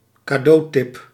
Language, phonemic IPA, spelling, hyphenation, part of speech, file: Dutch, /kaːˈdoːˌtɪp/, cadeautip, ca‧deau‧tip, noun, Nl-cadeautip.ogg
- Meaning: suggestion for a gift